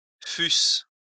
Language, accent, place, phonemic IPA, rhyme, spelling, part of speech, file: French, France, Lyon, /fys/, -ys, fusse, verb, LL-Q150 (fra)-fusse.wav
- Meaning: first-person singular imperfect subjunctive of être